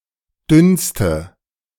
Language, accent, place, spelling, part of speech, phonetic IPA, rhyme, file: German, Germany, Berlin, dünnste, adjective, [ˈdʏnstə], -ʏnstə, De-dünnste.ogg
- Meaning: inflection of dünn: 1. strong/mixed nominative/accusative feminine singular superlative degree 2. strong nominative/accusative plural superlative degree